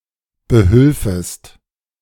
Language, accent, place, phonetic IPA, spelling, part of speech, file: German, Germany, Berlin, [bəˈhʏlfəst], behülfest, verb, De-behülfest.ogg
- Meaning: second-person singular subjunctive II of behelfen